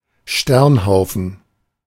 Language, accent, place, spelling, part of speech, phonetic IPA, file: German, Germany, Berlin, Sternhaufen, noun, [ˈʃtɛʁnˌhaʊ̯fn̩], De-Sternhaufen.ogg
- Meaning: star cluster